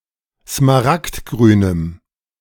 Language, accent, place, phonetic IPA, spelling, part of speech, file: German, Germany, Berlin, [smaˈʁaktˌɡʁyːnəm], smaragdgrünem, adjective, De-smaragdgrünem.ogg
- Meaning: strong dative masculine/neuter singular of smaragdgrün